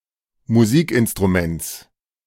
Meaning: genitive singular of Musikinstrument
- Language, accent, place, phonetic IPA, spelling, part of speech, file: German, Germany, Berlin, [muˈziːkʔɪnstʁuˌmɛnt͡s], Musikinstruments, noun, De-Musikinstruments.ogg